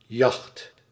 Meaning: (noun) 1. hunt, hunting 2. chase, pursuit 3. yacht (fast, light and now often luxurious (sailing) boat); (verb) inflection of jachten: first/second/third-person singular present indicative
- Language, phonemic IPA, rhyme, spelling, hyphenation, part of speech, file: Dutch, /jɑxt/, -ɑxt, jacht, jacht, noun / verb, Nl-jacht.ogg